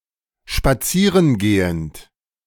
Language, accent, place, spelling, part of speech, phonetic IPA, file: German, Germany, Berlin, spazieren gehend, verb, [ʃpaˈt͡siːʁən ˌɡeːənt], De-spazieren gehend.ogg
- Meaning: present participle of spazieren gehen